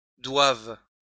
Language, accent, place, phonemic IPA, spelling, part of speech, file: French, France, Lyon, /dwav/, doives, verb, LL-Q150 (fra)-doives.wav
- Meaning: second-person singular present subjunctive of devoir